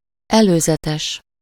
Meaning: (adjective) prior, preliminary; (noun) 1. sneak peek, preview, trailer (of a film or programme) 2. arrest, remand
- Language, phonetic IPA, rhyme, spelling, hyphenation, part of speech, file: Hungarian, [ˈɛløːzɛtɛʃ], -ɛʃ, előzetes, elő‧ze‧tes, adjective / noun, Hu-előzetes.ogg